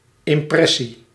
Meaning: impression, perception
- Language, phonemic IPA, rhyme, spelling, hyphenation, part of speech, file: Dutch, /ˌɪmˈprɛ.si/, -ɛsi, impressie, im‧pres‧sie, noun, Nl-impressie.ogg